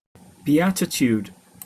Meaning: 1. Supreme, utmost bliss and happiness 2. Any of the Biblical blessings given by Jesus in Matthew 5:3–12. E.g.: "Blessed are the meek for they shall inherit the earth" (Matthew 5:5)
- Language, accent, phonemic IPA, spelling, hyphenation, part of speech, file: English, Received Pronunciation, /biːˈætɪtjuːd/, beatitude, be‧a‧ti‧tude, noun, En-uk-beatitude.opus